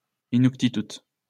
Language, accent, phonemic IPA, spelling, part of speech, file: French, France, /i.nuk.ti.tut/, inuktitut, noun, LL-Q150 (fra)-inuktitut.wav
- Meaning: Inuktitut (language)